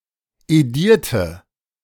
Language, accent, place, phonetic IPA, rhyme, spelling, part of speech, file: German, Germany, Berlin, [eˈdiːɐ̯tə], -iːɐ̯tə, edierte, adjective / verb, De-edierte.ogg
- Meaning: inflection of edieren: 1. first/third-person singular preterite 2. first/third-person singular subjunctive II